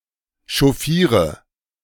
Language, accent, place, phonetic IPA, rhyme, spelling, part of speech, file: German, Germany, Berlin, [ʃɔˈfiːʁə], -iːʁə, chauffiere, verb, De-chauffiere.ogg
- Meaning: inflection of chauffieren: 1. first-person singular present 2. singular imperative 3. first/third-person singular subjunctive I